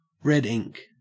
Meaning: 1. Financial loss 2. Cheap red wine 3. Used other than figuratively or idiomatically: see red, ink
- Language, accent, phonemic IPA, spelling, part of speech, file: English, Australia, /ˈɹɛdˌiŋk/, red ink, noun, En-au-red ink.ogg